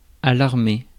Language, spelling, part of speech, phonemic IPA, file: French, alarmer, verb, /a.laʁ.me/, Fr-alarmer.ogg
- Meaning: to alarm (alert)